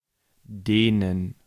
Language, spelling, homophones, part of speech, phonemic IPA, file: German, denen, dehnen, pronoun / article, /ˈdeːnən/, De-denen.ogg
- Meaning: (pronoun) dative plural of der: 1. (to) whom, (to) which, that 2. (to) that, (to) him/her; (article) dative plural of der